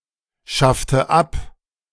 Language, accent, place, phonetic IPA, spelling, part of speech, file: German, Germany, Berlin, [ˌʃaftə ˈap], schaffte ab, verb, De-schaffte ab.ogg
- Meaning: inflection of abschaffen: 1. first/third-person singular preterite 2. first/third-person singular subjunctive II